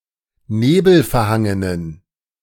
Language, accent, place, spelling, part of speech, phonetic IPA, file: German, Germany, Berlin, nebelverhangenen, adjective, [ˈneːbl̩fɛɐ̯ˌhaŋənən], De-nebelverhangenen.ogg
- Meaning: inflection of nebelverhangen: 1. strong genitive masculine/neuter singular 2. weak/mixed genitive/dative all-gender singular 3. strong/weak/mixed accusative masculine singular 4. strong dative plural